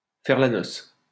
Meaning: to party
- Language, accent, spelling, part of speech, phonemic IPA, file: French, France, faire la noce, verb, /fɛʁ la nɔs/, LL-Q150 (fra)-faire la noce.wav